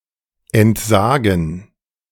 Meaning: 1. to renounce, to relinquish 2. to disclaim, to waive, to abandon 3. to abjure, to abnegate 4. to abdicate
- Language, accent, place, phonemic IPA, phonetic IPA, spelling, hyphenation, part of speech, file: German, Germany, Berlin, /ɛntˈzaːɡən/, [ʔɛntˈzaːɡŋ̩], entsagen, ent‧sa‧gen, verb, De-entsagen.ogg